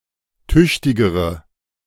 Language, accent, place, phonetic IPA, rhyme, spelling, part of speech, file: German, Germany, Berlin, [ˈtʏçtɪɡəʁə], -ʏçtɪɡəʁə, tüchtigere, adjective, De-tüchtigere.ogg
- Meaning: inflection of tüchtig: 1. strong/mixed nominative/accusative feminine singular comparative degree 2. strong nominative/accusative plural comparative degree